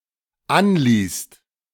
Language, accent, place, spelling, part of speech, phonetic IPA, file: German, Germany, Berlin, anließt, verb, [ˈanliːst], De-anließt.ogg
- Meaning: second-person singular/plural dependent preterite of anlassen